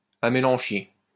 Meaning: serviceberry (plant)
- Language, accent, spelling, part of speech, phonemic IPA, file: French, France, amélanchier, noun, /a.me.lɑ̃.ʃje/, LL-Q150 (fra)-amélanchier.wav